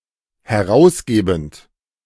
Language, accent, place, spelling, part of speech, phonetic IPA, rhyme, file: German, Germany, Berlin, herausgebend, verb, [hɛˈʁaʊ̯sˌɡeːbn̩t], -aʊ̯sɡeːbn̩t, De-herausgebend.ogg
- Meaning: present participle of herausgeben